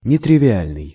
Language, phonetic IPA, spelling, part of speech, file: Russian, [nʲɪtrʲɪvʲɪˈalʲnɨj], нетривиальный, adjective, Ru-нетривиальный.ogg
- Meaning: nontrivial